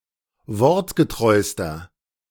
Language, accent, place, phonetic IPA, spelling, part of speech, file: German, Germany, Berlin, [ˈvɔʁtɡəˌtʁɔɪ̯stɐ], wortgetreuster, adjective, De-wortgetreuster.ogg
- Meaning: inflection of wortgetreu: 1. strong/mixed nominative masculine singular superlative degree 2. strong genitive/dative feminine singular superlative degree 3. strong genitive plural superlative degree